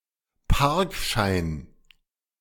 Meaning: parking ticket, car park ticket
- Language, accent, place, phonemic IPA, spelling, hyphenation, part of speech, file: German, Germany, Berlin, /ˈparkʃaɪ̯n/, Parkschein, Park‧schein, noun, De-Parkschein.ogg